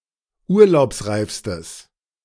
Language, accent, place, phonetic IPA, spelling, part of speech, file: German, Germany, Berlin, [ˈuːɐ̯laʊ̯psˌʁaɪ̯fstəs], urlaubsreifstes, adjective, De-urlaubsreifstes.ogg
- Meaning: strong/mixed nominative/accusative neuter singular superlative degree of urlaubsreif